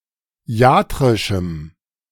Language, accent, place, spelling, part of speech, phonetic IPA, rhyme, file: German, Germany, Berlin, iatrischem, adjective, [ˈi̯aːtʁɪʃm̩], -aːtʁɪʃm̩, De-iatrischem.ogg
- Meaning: strong dative masculine/neuter singular of iatrisch